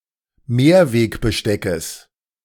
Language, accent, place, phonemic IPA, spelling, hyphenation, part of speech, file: German, Germany, Berlin, /ˈmeːɐ̯veːkbəˌʃtɛkəs/, Mehrwegbesteckes, Mehr‧weg‧be‧ste‧ckes, noun, De-Mehrwegbesteckes.ogg
- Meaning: genitive singular of Mehrwegbesteck